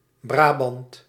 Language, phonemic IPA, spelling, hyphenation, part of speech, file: Dutch, /ˈbraːbɑnt/, Brabant, Bra‧bant, proper noun, Nl-Brabant.ogg
- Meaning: 1. Brabant (a former province of Belgium) 2. North Brabant 3. Duchy of Brabant